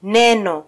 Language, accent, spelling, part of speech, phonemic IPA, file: Swahili, Kenya, neno, noun, /ˈnɛ.nɔ/, Sw-ke-neno.flac
- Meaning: word